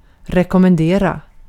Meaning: 1. to recommend (to commend to the favorable notice of another) 2. to register (a letter); see also rek 3. to bid farewell
- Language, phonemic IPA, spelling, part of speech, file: Swedish, /rɛkʊmɛnˈdeːra/, rekommendera, verb, Sv-rekommendera.ogg